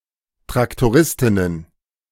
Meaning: plural of Traktoristin
- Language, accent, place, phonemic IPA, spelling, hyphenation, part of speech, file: German, Germany, Berlin, /tʁaktoˈʁɪstɪnən/, Traktoristinnen, Trak‧to‧ris‧tin‧nen, noun, De-Traktoristinnen.ogg